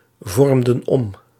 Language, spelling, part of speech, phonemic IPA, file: Dutch, vormden om, verb, /ˈvɔrᵊmdə(n) ˈɔm/, Nl-vormden om.ogg
- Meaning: inflection of omvormen: 1. plural past indicative 2. plural past subjunctive